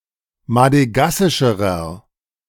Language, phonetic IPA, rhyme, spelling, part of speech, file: German, [madəˈɡasɪʃəʁɐ], -asɪʃəʁɐ, madegassischerer, adjective, De-madegassischerer.ogg